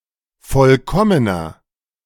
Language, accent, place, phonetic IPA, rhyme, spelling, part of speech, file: German, Germany, Berlin, [ˈfɔlkɔmənɐ], -ɔmənɐ, vollkommener, adjective, De-vollkommener.ogg
- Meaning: 1. comparative degree of vollkommen 2. inflection of vollkommen: strong/mixed nominative masculine singular 3. inflection of vollkommen: strong genitive/dative feminine singular